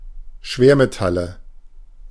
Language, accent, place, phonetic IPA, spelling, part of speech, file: German, Germany, Berlin, [ˈʃveːɐ̯meˌtalə], Schwermetalle, noun, De-Schwermetalle.ogg
- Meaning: nominative/accusative/genitive plural of Schwermetall